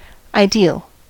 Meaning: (adjective) 1. Pertaining to ideas, or to a given idea 2. Existing only in the mind; conceptual, imaginary 3. Optimal; being the best possibility 4. Perfect, flawless, having no defects
- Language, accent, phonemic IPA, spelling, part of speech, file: English, US, /aɪˈdi(ə)l/, ideal, adjective / noun, En-us-ideal.ogg